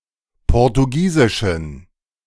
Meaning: inflection of portugiesisch: 1. strong genitive masculine/neuter singular 2. weak/mixed genitive/dative all-gender singular 3. strong/weak/mixed accusative masculine singular 4. strong dative plural
- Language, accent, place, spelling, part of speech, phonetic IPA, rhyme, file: German, Germany, Berlin, portugiesischen, adjective, [ˌpɔʁtuˈɡiːzɪʃn̩], -iːzɪʃn̩, De-portugiesischen.ogg